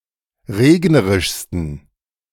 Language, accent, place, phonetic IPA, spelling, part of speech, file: German, Germany, Berlin, [ˈʁeːɡnəʁɪʃstn̩], regnerischsten, adjective, De-regnerischsten.ogg
- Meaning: 1. superlative degree of regnerisch 2. inflection of regnerisch: strong genitive masculine/neuter singular superlative degree